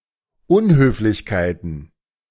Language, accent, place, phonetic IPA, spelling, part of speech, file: German, Germany, Berlin, [ˈʊnhøːflɪçkaɪ̯tn̩], Unhöflichkeiten, noun, De-Unhöflichkeiten.ogg
- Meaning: plural of Unhöflichkeit